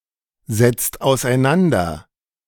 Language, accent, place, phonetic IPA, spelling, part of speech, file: German, Germany, Berlin, [zɛt͡st aʊ̯sʔaɪ̯ˈnandɐ], setzt auseinander, verb, De-setzt auseinander.ogg
- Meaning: inflection of auseinandersetzen: 1. second-person singular/plural present 2. third-person singular present 3. plural imperative